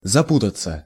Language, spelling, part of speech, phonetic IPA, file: Russian, запутаться, verb, [zɐˈputət͡sə], Ru-запутаться.ogg
- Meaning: 1. to get tangled/entangled/enmeshed 2. to become more confused/complicated 3. to be misled, to get confused, to get mixed up 4. to get entangled/enmeshed (in, by)